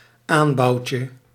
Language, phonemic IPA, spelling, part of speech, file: Dutch, /ˈambɑuwcə/, aanbouwtje, noun, Nl-aanbouwtje.ogg
- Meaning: diminutive of aanbouw